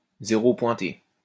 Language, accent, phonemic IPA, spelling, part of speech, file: French, France, /ze.ʁo pwɛ̃.te/, zéro pointé, noun, LL-Q150 (fra)-zéro pointé.wav
- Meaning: 1. dotted zero 2. complete failure, big fat zero